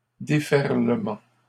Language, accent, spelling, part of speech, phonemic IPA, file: French, Canada, déferlement, noun, /de.fɛʁ.lə.mɑ̃/, LL-Q150 (fra)-déferlement.wav
- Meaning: 1. surge 2. upsurge, surge, barrage